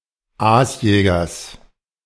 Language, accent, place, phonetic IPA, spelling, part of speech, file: German, Germany, Berlin, [ˈaːsˌjɛːɡɐs], Aasjägers, noun, De-Aasjägers.ogg
- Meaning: genitive singular of Aasjäger